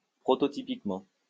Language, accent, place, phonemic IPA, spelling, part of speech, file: French, France, Lyon, /pʁɔ.tɔ.ti.pik.mɑ̃/, prototypiquement, adverb, LL-Q150 (fra)-prototypiquement.wav
- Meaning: prototypically